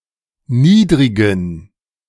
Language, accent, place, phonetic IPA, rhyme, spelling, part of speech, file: German, Germany, Berlin, [ˈniːdʁɪɡn̩], -iːdʁɪɡn̩, niedrigen, adjective, De-niedrigen.ogg
- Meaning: inflection of niedrig: 1. strong genitive masculine/neuter singular 2. weak/mixed genitive/dative all-gender singular 3. strong/weak/mixed accusative masculine singular 4. strong dative plural